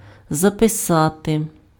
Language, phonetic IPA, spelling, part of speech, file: Ukrainian, [zɐpeˈsate], записати, verb, Uk-записати.ogg
- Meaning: to write down, to note down, to put down, to record (set down in writing)